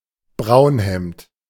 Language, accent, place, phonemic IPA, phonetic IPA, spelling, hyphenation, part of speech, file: German, Germany, Berlin, /ˈbʁaʊ̯nˌhɛmt/, [ˈbʁaʊ̯nˌhɛmtʰ], Braunhemd, Braun‧hemd, noun, De-Braunhemd.ogg
- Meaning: 1. brown shirt (especially one worn by a member of the SA) 2. Brownshirt (a member of the SA)